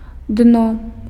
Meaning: 1. floor, bed (hard surface at the bottom of a body of water) 2. bottom surface of a container
- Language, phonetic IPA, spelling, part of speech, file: Belarusian, [dno], дно, noun, Be-дно.ogg